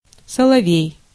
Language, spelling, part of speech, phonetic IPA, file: Russian, соловей, noun, [səɫɐˈvʲej], Ru-соловей.ogg
- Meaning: nightingale